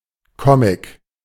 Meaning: comic, comic strip or comic book
- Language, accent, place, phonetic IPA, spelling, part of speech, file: German, Germany, Berlin, [ˈkɔmɪk], Comic, noun, De-Comic.ogg